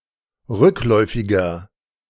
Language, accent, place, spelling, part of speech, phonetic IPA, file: German, Germany, Berlin, rückläufiger, adjective, [ˈʁʏkˌlɔɪ̯fɪɡɐ], De-rückläufiger.ogg
- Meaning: inflection of rückläufig: 1. strong/mixed nominative masculine singular 2. strong genitive/dative feminine singular 3. strong genitive plural